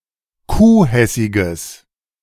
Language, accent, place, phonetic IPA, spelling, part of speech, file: German, Germany, Berlin, [ˈkuːˌhɛsɪɡəs], kuhhessiges, adjective, De-kuhhessiges.ogg
- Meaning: strong/mixed nominative/accusative neuter singular of kuhhessig